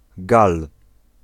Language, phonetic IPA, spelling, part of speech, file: Polish, [ɡal], Gal, noun, Pl-Gal.ogg